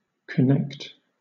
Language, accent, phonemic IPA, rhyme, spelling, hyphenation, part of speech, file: English, Southern England, /kəˈnɛkt/, -ɛkt, connect, con‧nect, verb / noun, LL-Q1860 (eng)-connect.wav
- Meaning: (verb) To join (to another object): to attach, or to be intended to attach or capable of attaching, to another object